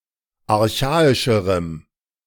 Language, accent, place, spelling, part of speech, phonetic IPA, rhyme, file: German, Germany, Berlin, archaischerem, adjective, [aʁˈçaːɪʃəʁəm], -aːɪʃəʁəm, De-archaischerem.ogg
- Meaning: strong dative masculine/neuter singular comparative degree of archaisch